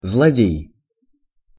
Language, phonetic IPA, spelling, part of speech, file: Russian, [zɫɐˈdʲej], злодей, noun, Ru-злодей.ogg
- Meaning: malefactor, evildoer, villain, miscreant, scoundrel